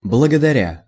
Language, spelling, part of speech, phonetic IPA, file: Russian, благодаря, verb / preposition, [bɫəɡədɐˈrʲa], Ru-благодаря.ogg
- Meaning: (verb) present adverbial imperfective participle of благодари́ть (blagodarítʹ); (preposition) thanks to, owing to, through (by means of), due to